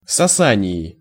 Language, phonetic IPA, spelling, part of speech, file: Russian, [sɐˈsanʲɪɪ], сосании, noun, Ru-сосании.ogg
- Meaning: prepositional singular of соса́ние (sosánije)